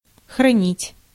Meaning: 1. to keep (to maintain possession of), to preserve, to store 2. to guard, to save, to protect
- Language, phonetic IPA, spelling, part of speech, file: Russian, [xrɐˈnʲitʲ], хранить, verb, Ru-хранить.ogg